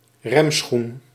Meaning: brake shoe
- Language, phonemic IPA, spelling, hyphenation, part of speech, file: Dutch, /ˈrɛm.sxun/, remschoen, rem‧schoen, noun, Nl-remschoen.ogg